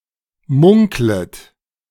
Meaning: second-person plural subjunctive I of munkeln
- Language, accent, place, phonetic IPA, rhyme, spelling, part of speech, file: German, Germany, Berlin, [ˈmʊŋklət], -ʊŋklət, munklet, verb, De-munklet.ogg